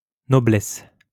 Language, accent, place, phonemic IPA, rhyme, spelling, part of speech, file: French, France, Lyon, /nɔ.blɛs/, -ɛs, noblesse, noun, LL-Q150 (fra)-noblesse.wav
- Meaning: nobility